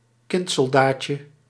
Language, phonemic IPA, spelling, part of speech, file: Dutch, /ˈkɪntsɔlˌdacə/, kindsoldaatje, noun, Nl-kindsoldaatje.ogg
- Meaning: diminutive of kindsoldaat